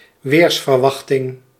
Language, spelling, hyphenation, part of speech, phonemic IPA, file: Dutch, weersverwachting, weers‧ver‧wach‧ting, noun, /ˈʋeːrs.vərˌʋɑx.tɪŋ/, Nl-weersverwachting.ogg
- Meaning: weather forecast